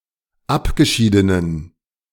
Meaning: inflection of abgeschieden: 1. strong genitive masculine/neuter singular 2. weak/mixed genitive/dative all-gender singular 3. strong/weak/mixed accusative masculine singular 4. strong dative plural
- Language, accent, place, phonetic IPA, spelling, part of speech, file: German, Germany, Berlin, [ˈapɡəˌʃiːdənən], abgeschiedenen, adjective, De-abgeschiedenen.ogg